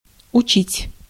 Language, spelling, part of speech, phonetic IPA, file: Russian, учить, verb, [ʊˈt͡ɕitʲ], Ru-учить.ogg
- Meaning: 1. to teach, to instruct (often not in an academic setting) 2. to learn, to study 3. to memorize by rote 4. to beat, to whip (of corporal punishment, often towards a child)